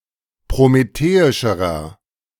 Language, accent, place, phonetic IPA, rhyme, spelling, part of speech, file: German, Germany, Berlin, [pʁomeˈteːɪʃəʁɐ], -eːɪʃəʁɐ, prometheischerer, adjective, De-prometheischerer.ogg
- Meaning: inflection of prometheisch: 1. strong/mixed nominative masculine singular comparative degree 2. strong genitive/dative feminine singular comparative degree 3. strong genitive plural comparative degree